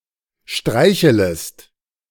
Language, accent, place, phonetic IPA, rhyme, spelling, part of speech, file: German, Germany, Berlin, [ˈʃtʁaɪ̯çələst], -aɪ̯çələst, streichelest, verb, De-streichelest.ogg
- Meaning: second-person singular subjunctive I of streicheln